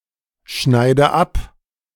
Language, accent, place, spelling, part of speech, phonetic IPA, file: German, Germany, Berlin, schneide ab, verb, [ˌʃnaɪ̯də ˈap], De-schneide ab.ogg
- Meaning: inflection of abschneiden: 1. first-person singular present 2. first/third-person singular subjunctive I 3. singular imperative